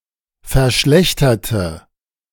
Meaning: inflection of verschlechtern: 1. first/third-person singular preterite 2. first/third-person singular subjunctive II
- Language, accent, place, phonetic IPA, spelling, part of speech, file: German, Germany, Berlin, [fɛɐ̯ˈʃlɛçtɐtə], verschlechterte, adjective / verb, De-verschlechterte.ogg